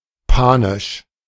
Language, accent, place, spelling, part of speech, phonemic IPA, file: German, Germany, Berlin, panisch, adjective, /ˈpaːnɪʃ/, De-panisch.ogg
- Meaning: 1. panic-inducing or panic-induced 2. in a panicked way